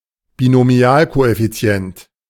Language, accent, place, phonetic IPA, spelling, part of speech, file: German, Germany, Berlin, [binoˈmi̯aːlkoʔɛfiˌt͡si̯ɛnt], Binomialkoeffizient, noun, De-Binomialkoeffizient.ogg
- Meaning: binomial coefficient